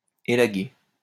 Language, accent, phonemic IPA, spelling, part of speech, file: French, France, /e.la.ɡe/, élaguer, verb, LL-Q150 (fra)-élaguer.wav
- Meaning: to prune (trim a tree or shrub)